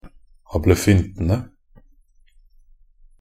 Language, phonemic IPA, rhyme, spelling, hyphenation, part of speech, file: Norwegian Bokmål, /abləˈfʏntənə/, -ənə, ablefyntene, ab‧le‧fyn‧te‧ne, noun, Nb-ablefyntene.ogg
- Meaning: definite plural of ablefynte